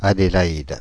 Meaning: 1. Adelaide (the capital and largest city of South Australia, Australia) 2. a female given name, equivalent to English Adelaide
- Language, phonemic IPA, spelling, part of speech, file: French, /a.de.la.id/, Adélaïde, proper noun, Fr-Adélaïde.ogg